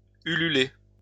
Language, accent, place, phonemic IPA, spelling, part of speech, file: French, France, Lyon, /y.ly.le/, hululer, verb, LL-Q150 (fra)-hululer.wav
- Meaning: to hoot (to make the cry of an owl)